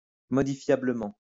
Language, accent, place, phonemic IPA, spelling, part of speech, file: French, France, Lyon, /mɔ.di.fja.blə.mɑ̃/, modifiablement, adverb, LL-Q150 (fra)-modifiablement.wav
- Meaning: modifiably